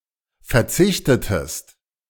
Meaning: inflection of verzichten: 1. second-person singular preterite 2. second-person singular subjunctive II
- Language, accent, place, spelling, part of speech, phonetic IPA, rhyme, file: German, Germany, Berlin, verzichtetest, verb, [fɛɐ̯ˈt͡sɪçtətəst], -ɪçtətəst, De-verzichtetest.ogg